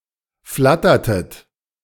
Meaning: inflection of flattern: 1. second-person plural preterite 2. second-person plural subjunctive II
- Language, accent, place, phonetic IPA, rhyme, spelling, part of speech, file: German, Germany, Berlin, [ˈflatɐtət], -atɐtət, flattertet, verb, De-flattertet.ogg